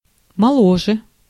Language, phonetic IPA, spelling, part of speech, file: Russian, [mɐˈɫoʐɨ], моложе, adverb, Ru-моложе.ogg
- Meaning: 1. comparative degree of молодо́й (molodój) 2. comparative degree of мо́лодо (mólodo)